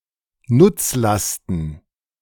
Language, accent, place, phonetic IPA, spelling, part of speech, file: German, Germany, Berlin, [ˈnʊt͡sˌlastn̩], Nutzlasten, noun, De-Nutzlasten.ogg
- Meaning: plural of Nutzlast